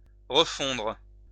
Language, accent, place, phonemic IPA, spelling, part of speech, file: French, France, Lyon, /ʁə.fɔ̃dʁ/, refondre, verb, LL-Q150 (fra)-refondre.wav
- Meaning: 1. to remelt 2. to resmelt 3. to remake from scratch